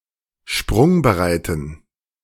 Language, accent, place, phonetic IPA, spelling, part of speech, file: German, Germany, Berlin, [ˈʃpʁʊŋbəˌʁaɪ̯tn̩], sprungbereiten, adjective, De-sprungbereiten.ogg
- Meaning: inflection of sprungbereit: 1. strong genitive masculine/neuter singular 2. weak/mixed genitive/dative all-gender singular 3. strong/weak/mixed accusative masculine singular 4. strong dative plural